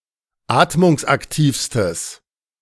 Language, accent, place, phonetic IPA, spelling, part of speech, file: German, Germany, Berlin, [ˈaːtmʊŋsʔakˌtiːfstəs], atmungsaktivstes, adjective, De-atmungsaktivstes.ogg
- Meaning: strong/mixed nominative/accusative neuter singular superlative degree of atmungsaktiv